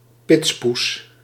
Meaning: attractive girl that promotes a certain car or motor bike, often at a car show, fair or race
- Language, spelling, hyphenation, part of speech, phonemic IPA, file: Dutch, pitspoes, pits‧poes, noun, /ˈpɪts.pus/, Nl-pitspoes.ogg